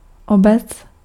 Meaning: municipality, village, locality, community
- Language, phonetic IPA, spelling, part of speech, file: Czech, [ˈobɛt͡s], obec, noun, Cs-obec.ogg